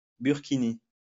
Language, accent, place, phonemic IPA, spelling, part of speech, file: French, France, Lyon, /byʁ.ki.ni/, burkini, noun, LL-Q150 (fra)-burkini.wav
- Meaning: a burkini